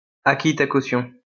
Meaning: 1. caution, guaranty, bail 2. deposit 3. security deposit
- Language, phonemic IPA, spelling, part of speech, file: French, /ko.sjɔ̃/, caution, noun, LL-Q150 (fra)-caution.wav